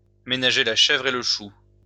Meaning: to run with the hare and hunt with the hounds; to keep both parties sweet; to tread a fine line
- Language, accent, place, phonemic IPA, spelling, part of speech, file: French, France, Lyon, /me.na.ʒe la ʃɛvʁ e l(ə) ʃu/, ménager la chèvre et le chou, verb, LL-Q150 (fra)-ménager la chèvre et le chou.wav